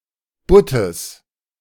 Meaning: genitive singular of Butt
- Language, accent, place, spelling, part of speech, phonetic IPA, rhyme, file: German, Germany, Berlin, Buttes, noun, [ˈbʊtəs], -ʊtəs, De-Buttes.ogg